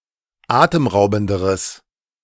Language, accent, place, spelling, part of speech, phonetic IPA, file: German, Germany, Berlin, atemraubenderes, adjective, [ˈaːtəmˌʁaʊ̯bn̩dəʁəs], De-atemraubenderes.ogg
- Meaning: strong/mixed nominative/accusative neuter singular comparative degree of atemraubend